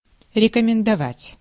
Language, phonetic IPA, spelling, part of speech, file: Russian, [rʲɪkəmʲɪndɐˈvatʲ], рекомендовать, verb, Ru-рекомендовать.ogg
- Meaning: to recommend, to advise